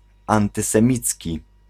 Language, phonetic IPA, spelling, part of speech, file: Polish, [ˌãntɨsɛ̃ˈmʲit͡sʲci], antysemicki, adjective, Pl-antysemicki.ogg